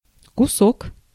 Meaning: 1. piece 2. bit 3. grand (one thousand of some currency)
- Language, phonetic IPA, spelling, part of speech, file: Russian, [kʊˈsok], кусок, noun, Ru-кусок.ogg